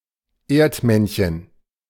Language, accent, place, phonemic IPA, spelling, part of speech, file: German, Germany, Berlin, /ˈeːrtˌmɛn.çən/, Erdmännchen, noun, De-Erdmännchen.ogg
- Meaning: 1. meerkat (Suricata suricatta) 2. a gnome or dwarf that lives under the earth